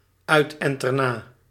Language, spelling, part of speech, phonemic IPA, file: Dutch, uit-en-ter-na, adverb, /ˌœytɛntɛrˈna/, Nl-uit-en-ter-na.ogg
- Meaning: alternative form of uit-en-te-na